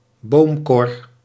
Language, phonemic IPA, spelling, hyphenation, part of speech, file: Dutch, /ˈboːm.kɔr/, boomkor, boom‧kor, noun, Nl-boomkor.ogg
- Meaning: a beam trawl